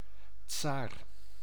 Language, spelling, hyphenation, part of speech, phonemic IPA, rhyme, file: Dutch, tsaar, tsaar, noun, /tsaːr/, -aːr, Nl-tsaar.ogg
- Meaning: tsar, tzar, czar